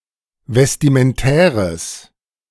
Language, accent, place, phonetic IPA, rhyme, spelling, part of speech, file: German, Germany, Berlin, [vɛstimənˈtɛːʁəs], -ɛːʁəs, vestimentäres, adjective, De-vestimentäres.ogg
- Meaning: strong/mixed nominative/accusative neuter singular of vestimentär